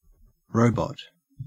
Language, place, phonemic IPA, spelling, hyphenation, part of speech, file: English, Queensland, /ˈɹəʉ̯.bɔt/, robot, ro‧bot, noun, En-au-robot.ogg
- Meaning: A system of serfdom used in Central Europe, under which a tenant's rent was paid in forced labour